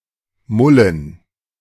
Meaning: dative plural of Mull
- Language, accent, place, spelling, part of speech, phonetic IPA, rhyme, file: German, Germany, Berlin, Mullen, noun, [ˈmʊlən], -ʊlən, De-Mullen.ogg